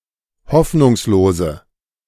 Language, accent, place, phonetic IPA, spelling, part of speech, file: German, Germany, Berlin, [ˈhɔfnʊŋsloːzə], hoffnungslose, adjective, De-hoffnungslose.ogg
- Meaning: inflection of hoffnungslos: 1. strong/mixed nominative/accusative feminine singular 2. strong nominative/accusative plural 3. weak nominative all-gender singular